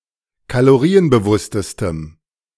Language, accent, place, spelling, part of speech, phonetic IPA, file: German, Germany, Berlin, kalorienbewusstestem, adjective, [kaloˈʁiːənbəˌvʊstəstəm], De-kalorienbewusstestem.ogg
- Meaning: strong dative masculine/neuter singular superlative degree of kalorienbewusst